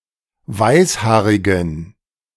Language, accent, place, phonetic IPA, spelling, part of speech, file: German, Germany, Berlin, [ˈvaɪ̯sˌhaːʁɪɡn̩], weißhaarigen, adjective, De-weißhaarigen.ogg
- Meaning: inflection of weißhaarig: 1. strong genitive masculine/neuter singular 2. weak/mixed genitive/dative all-gender singular 3. strong/weak/mixed accusative masculine singular 4. strong dative plural